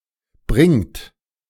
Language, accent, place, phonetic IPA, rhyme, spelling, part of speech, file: German, Germany, Berlin, [bʁɪŋt], -ɪŋt, bringt, verb, De-bringt.ogg
- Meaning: inflection of bringen: 1. third-person singular present 2. second-person plural present 3. plural imperative